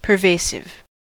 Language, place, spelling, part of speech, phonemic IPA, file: English, California, pervasive, adjective, /pɚˈveɪ.sɪv/, En-us-pervasive.ogg
- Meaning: Manifested throughout; pervading, permeating, penetrating or affecting everything